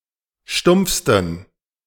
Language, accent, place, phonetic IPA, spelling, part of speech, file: German, Germany, Berlin, [ˈʃtʊmp͡fstn̩], stumpfsten, adjective, De-stumpfsten.ogg
- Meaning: 1. superlative degree of stumpf 2. inflection of stumpf: strong genitive masculine/neuter singular superlative degree